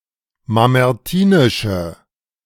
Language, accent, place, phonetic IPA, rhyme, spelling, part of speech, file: German, Germany, Berlin, [mamɛʁˈtiːnɪʃə], -iːnɪʃə, mamertinische, adjective, De-mamertinische.ogg
- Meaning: inflection of mamertinisch: 1. strong/mixed nominative/accusative feminine singular 2. strong nominative/accusative plural 3. weak nominative all-gender singular